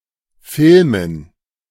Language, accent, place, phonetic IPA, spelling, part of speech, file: German, Germany, Berlin, [ˈfɪlmən], Filmen, noun, De-Filmen.ogg
- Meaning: dative plural of Film